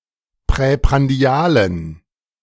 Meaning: inflection of präprandial: 1. strong genitive masculine/neuter singular 2. weak/mixed genitive/dative all-gender singular 3. strong/weak/mixed accusative masculine singular 4. strong dative plural
- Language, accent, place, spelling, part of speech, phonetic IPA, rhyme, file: German, Germany, Berlin, präprandialen, adjective, [pʁɛpʁanˈdi̯aːlən], -aːlən, De-präprandialen.ogg